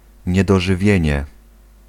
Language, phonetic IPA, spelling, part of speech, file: Polish, [ˌɲɛdɔʒɨˈvʲjɛ̇̃ɲɛ], niedożywienie, noun, Pl-niedożywienie.ogg